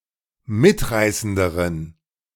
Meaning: inflection of mitreißend: 1. strong genitive masculine/neuter singular comparative degree 2. weak/mixed genitive/dative all-gender singular comparative degree
- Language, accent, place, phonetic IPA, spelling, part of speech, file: German, Germany, Berlin, [ˈmɪtˌʁaɪ̯səndəʁən], mitreißenderen, adjective, De-mitreißenderen.ogg